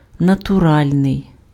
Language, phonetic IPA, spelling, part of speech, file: Ukrainian, [nɐtʊˈralʲnei̯], натуральний, adjective, Uk-натуральний.ogg
- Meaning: natural